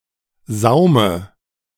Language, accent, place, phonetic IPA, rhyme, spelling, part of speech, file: German, Germany, Berlin, [ˈzaʊ̯mə], -aʊ̯mə, Saume, noun, De-Saume.ogg
- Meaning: dative of Saum